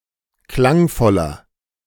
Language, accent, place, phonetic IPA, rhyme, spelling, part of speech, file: German, Germany, Berlin, [ˈklaŋˌfɔlɐ], -aŋfɔlɐ, klangvoller, adjective, De-klangvoller.ogg
- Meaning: 1. comparative degree of klangvoll 2. inflection of klangvoll: strong/mixed nominative masculine singular 3. inflection of klangvoll: strong genitive/dative feminine singular